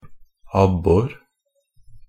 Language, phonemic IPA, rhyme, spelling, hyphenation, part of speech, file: Norwegian Bokmål, /ˈabːɔr/, -ɔr, abbor, ab‧bor, noun, NB - Pronunciation of Norwegian Bokmål «abbor».ogg
- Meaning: a perch, specifically the European perch (Perca fluviatilis)